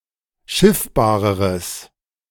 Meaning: strong/mixed nominative/accusative neuter singular comparative degree of schiffbar
- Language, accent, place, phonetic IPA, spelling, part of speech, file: German, Germany, Berlin, [ˈʃɪfbaːʁəʁəs], schiffbareres, adjective, De-schiffbareres.ogg